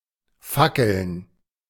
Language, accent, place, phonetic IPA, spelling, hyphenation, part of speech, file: German, Germany, Berlin, [ˈfakl̩n], fackeln, fa‧ckeln, verb, De-fackeln.ogg
- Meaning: 1. to hesitate 2. to flicker, to waver, to blow (of flames)